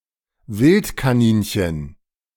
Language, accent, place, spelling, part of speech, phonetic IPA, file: German, Germany, Berlin, Wildkaninchen, noun, [ˈvɪlt.kaˌniːnçən], De-Wildkaninchen.ogg
- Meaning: European rabbit, wild rabbit